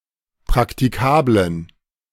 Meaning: inflection of praktikabel: 1. strong genitive masculine/neuter singular 2. weak/mixed genitive/dative all-gender singular 3. strong/weak/mixed accusative masculine singular 4. strong dative plural
- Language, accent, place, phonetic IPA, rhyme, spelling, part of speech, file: German, Germany, Berlin, [pʁaktiˈkaːblən], -aːblən, praktikablen, adjective, De-praktikablen.ogg